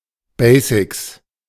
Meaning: basics
- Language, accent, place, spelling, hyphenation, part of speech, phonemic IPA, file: German, Germany, Berlin, Basics, Ba‧sics, noun, /ˈbɛɪ̯sɪks/, De-Basics.ogg